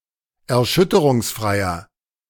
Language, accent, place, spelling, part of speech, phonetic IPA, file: German, Germany, Berlin, erschütterungsfreier, adjective, [ɛɐ̯ˈʃʏtəʁʊŋsˌfʁaɪ̯ɐ], De-erschütterungsfreier.ogg
- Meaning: inflection of erschütterungsfrei: 1. strong/mixed nominative masculine singular 2. strong genitive/dative feminine singular 3. strong genitive plural